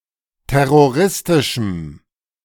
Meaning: strong dative masculine/neuter singular of terroristisch
- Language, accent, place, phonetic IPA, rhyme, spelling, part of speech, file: German, Germany, Berlin, [ˌtɛʁoˈʁɪstɪʃm̩], -ɪstɪʃm̩, terroristischem, adjective, De-terroristischem.ogg